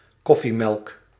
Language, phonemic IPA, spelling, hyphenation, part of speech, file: Dutch, /ˈkɔ.fiˌmɛlk/, koffiemelk, kof‧fie‧melk, noun, Nl-koffiemelk.ogg
- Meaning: milk or creamer intended for use in coffee